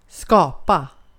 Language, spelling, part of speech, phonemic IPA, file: Swedish, skapa, verb, /skɑːpa/, Sv-skapa.ogg
- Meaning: to create; to make, to manufacture; to put into existence, chiefly by a creative act